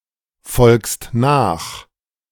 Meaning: second-person singular present of nachfolgen
- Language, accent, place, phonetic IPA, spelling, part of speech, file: German, Germany, Berlin, [ˌfɔlkst ˈnaːx], folgst nach, verb, De-folgst nach.ogg